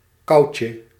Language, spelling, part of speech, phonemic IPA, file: Dutch, koutje, noun, /ˈkɑucə/, Nl-koutje.ogg
- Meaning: diminutive of kou